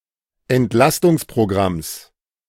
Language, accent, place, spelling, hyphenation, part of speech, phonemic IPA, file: German, Germany, Berlin, Entlastungsprogramms, Ent‧las‧tungs‧pro‧gramms, noun, /ɛntˈlastʊŋspʁoˌɡʁams/, De-Entlastungsprogramms.ogg
- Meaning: genitive singular of Entlastungsprogramm